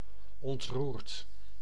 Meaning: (adjective) moved, touched emotionally; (verb) past participle of ontroeren
- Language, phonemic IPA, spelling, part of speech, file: Dutch, /ɔntˈrurt/, ontroerd, adjective / verb, Nl-ontroerd.ogg